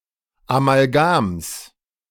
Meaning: genitive singular of Amalgam
- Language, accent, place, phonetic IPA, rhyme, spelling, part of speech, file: German, Germany, Berlin, [amalˈɡaːms], -aːms, Amalgams, noun, De-Amalgams.ogg